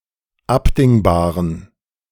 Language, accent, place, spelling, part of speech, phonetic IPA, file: German, Germany, Berlin, abdingbaren, adjective, [ˈapdɪŋbaːʁən], De-abdingbaren.ogg
- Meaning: inflection of abdingbar: 1. strong genitive masculine/neuter singular 2. weak/mixed genitive/dative all-gender singular 3. strong/weak/mixed accusative masculine singular 4. strong dative plural